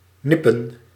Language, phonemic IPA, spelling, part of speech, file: Dutch, /ˈnɪ.pə(n)/, nippen, verb, Nl-nippen.ogg
- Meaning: to sip, take a nip